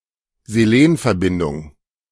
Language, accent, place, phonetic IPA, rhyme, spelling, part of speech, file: German, Germany, Berlin, [zeˈleːnfɛɐ̯ˌbɪndʊŋ], -eːnfɛɐ̯bɪndʊŋ, Selenverbindung, noun, De-Selenverbindung.ogg
- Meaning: selenium compound